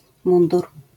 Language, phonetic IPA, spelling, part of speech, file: Polish, [ˈmũndur], mundur, noun, LL-Q809 (pol)-mundur.wav